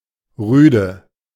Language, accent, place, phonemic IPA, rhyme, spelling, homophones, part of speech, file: German, Germany, Berlin, /ˈʁyːdə/, -yːdə, Rüde, rüde, noun, De-Rüde.ogg
- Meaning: 1. male dog (male dog, wolf or fox, as opposed to a bitch (often attributive), also used for certain other mammals) 2. hound, foxhound